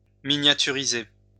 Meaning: to miniaturize, to scale down
- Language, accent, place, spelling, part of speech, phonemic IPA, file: French, France, Lyon, miniaturiser, verb, /mi.nja.ty.ʁi.ze/, LL-Q150 (fra)-miniaturiser.wav